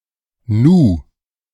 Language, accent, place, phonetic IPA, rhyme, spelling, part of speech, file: German, Germany, Berlin, [nuː], -uː, Nu, noun, De-Nu.ogg
- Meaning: only used in im Nu (“immediately, in no time”, literally “in the now”)